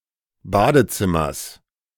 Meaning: genitive singular of Badezimmer
- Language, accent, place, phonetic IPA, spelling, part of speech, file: German, Germany, Berlin, [ˈbaːdəˌt͡sɪmɐs], Badezimmers, noun, De-Badezimmers.ogg